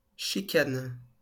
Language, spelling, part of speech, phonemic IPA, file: French, chicane, noun / verb, /ʃi.kan/, LL-Q150 (fra)-chicane.wav
- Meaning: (noun) 1. Chicane (obstruction designed to reduce speed), double road bend 2. bickering, quibbling, especially as delay tactic